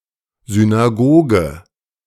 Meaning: synagogue
- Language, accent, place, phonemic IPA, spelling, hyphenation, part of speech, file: German, Germany, Berlin, /zynaˈɡoːɡə/, Synagoge, Sy‧n‧a‧go‧ge, noun, De-Synagoge.ogg